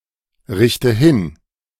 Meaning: inflection of hinrichten: 1. first-person singular present 2. first/third-person singular subjunctive I 3. singular imperative
- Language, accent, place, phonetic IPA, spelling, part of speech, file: German, Germany, Berlin, [ˌʁɪçtə ˈhɪn], richte hin, verb, De-richte hin.ogg